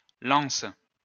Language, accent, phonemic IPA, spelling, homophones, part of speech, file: French, France, /lɑ̃s/, lancent, lance / lances, verb, LL-Q150 (fra)-lancent.wav
- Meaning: third-person plural present indicative/subjunctive of lancer